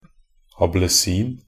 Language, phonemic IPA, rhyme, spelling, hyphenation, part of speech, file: Norwegian Bokmål, /abləˈsiːn/, -iːn, ablesin, a‧ble‧sin, noun, Nb-ablesin.ogg
- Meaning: misspelling of appelsin